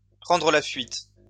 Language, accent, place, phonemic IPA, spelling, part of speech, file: French, France, Lyon, /pʁɑ̃.dʁə la fɥit/, prendre la fuite, verb, LL-Q150 (fra)-prendre la fuite.wav
- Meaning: to escape, to flee, to take flight